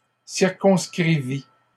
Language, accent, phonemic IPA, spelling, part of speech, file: French, Canada, /siʁ.kɔ̃s.kʁi.vi/, circonscrivît, verb, LL-Q150 (fra)-circonscrivît.wav
- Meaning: third-person singular imperfect subjunctive of circonscrire